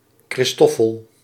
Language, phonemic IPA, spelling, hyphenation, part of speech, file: Dutch, /ˌkrɪsˈtɔ.fəl/, Christoffel, Chris‧tof‧fel, proper noun, Nl-Christoffel.ogg
- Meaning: a male given name, corresponding to English Christopher